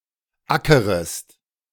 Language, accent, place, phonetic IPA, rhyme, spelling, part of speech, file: German, Germany, Berlin, [ˈakəʁəst], -akəʁəst, ackerest, verb, De-ackerest.ogg
- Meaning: second-person singular subjunctive I of ackern